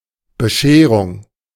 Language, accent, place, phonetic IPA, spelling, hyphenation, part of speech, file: German, Germany, Berlin, [bəˈʃeːʁʊŋ], Bescherung, Be‧sche‧rung, noun, De-Bescherung.ogg
- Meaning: 1. giving of presents at Christmas 2. Christmas present 3. unpleasant surprise, incident; mess